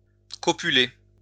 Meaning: to copulate (engage in sexual intercourse)
- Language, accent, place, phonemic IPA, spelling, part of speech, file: French, France, Lyon, /kɔ.py.le/, copuler, verb, LL-Q150 (fra)-copuler.wav